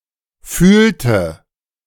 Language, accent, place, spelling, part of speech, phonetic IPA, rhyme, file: German, Germany, Berlin, fühlte, verb, [ˈfyːltə], -yːltə, De-fühlte.ogg
- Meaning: inflection of fühlen: 1. first/third-person singular preterite 2. first/third-person singular subjunctive II